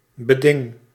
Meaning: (noun) condition; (verb) inflection of bedingen: 1. first-person singular present indicative 2. second-person singular present indicative 3. imperative
- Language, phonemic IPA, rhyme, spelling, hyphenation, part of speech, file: Dutch, /bəˈdɪŋ/, -ɪŋ, beding, be‧ding, noun / verb, Nl-beding.ogg